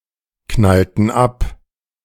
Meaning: inflection of abknallen: 1. first/third-person plural preterite 2. first/third-person plural subjunctive II
- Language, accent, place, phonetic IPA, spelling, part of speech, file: German, Germany, Berlin, [ˌknaltn̩ ˈap], knallten ab, verb, De-knallten ab.ogg